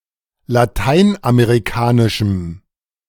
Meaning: strong dative masculine/neuter singular of lateinamerikanisch
- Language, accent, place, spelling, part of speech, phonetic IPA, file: German, Germany, Berlin, lateinamerikanischem, adjective, [laˈtaɪ̯nʔameʁiˌkaːnɪʃm̩], De-lateinamerikanischem.ogg